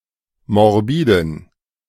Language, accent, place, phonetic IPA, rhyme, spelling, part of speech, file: German, Germany, Berlin, [mɔʁˈbiːdn̩], -iːdn̩, morbiden, adjective, De-morbiden.ogg
- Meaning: inflection of morbid: 1. strong genitive masculine/neuter singular 2. weak/mixed genitive/dative all-gender singular 3. strong/weak/mixed accusative masculine singular 4. strong dative plural